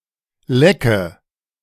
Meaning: nominative/accusative/genitive plural of Leck
- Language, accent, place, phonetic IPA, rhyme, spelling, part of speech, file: German, Germany, Berlin, [ˈlɛkə], -ɛkə, Lecke, noun, De-Lecke.ogg